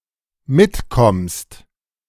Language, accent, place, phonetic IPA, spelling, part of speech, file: German, Germany, Berlin, [ˈmɪtˌkɔmst], mitkommst, verb, De-mitkommst.ogg
- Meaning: second-person singular dependent present of mitkommen